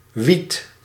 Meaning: weed, marijuana
- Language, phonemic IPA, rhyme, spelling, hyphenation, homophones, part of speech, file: Dutch, /ʋit/, -it, wiet, wiet, wied / wiedt, noun, Nl-wiet.ogg